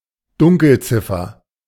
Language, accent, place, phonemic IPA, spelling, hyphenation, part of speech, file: German, Germany, Berlin, /ˈdʊŋkəlˌt͡sɪfɐ/, Dunkelziffer, Dun‧kel‧zif‧fer, noun, De-Dunkelziffer.ogg
- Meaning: dark figure (estimated number of unreported cases)